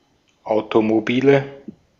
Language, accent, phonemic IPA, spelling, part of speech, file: German, Austria, /aʊ̯tomoˈbiːlə/, Automobile, noun, De-at-Automobile.ogg
- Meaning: nominative/accusative/genitive plural of Automobil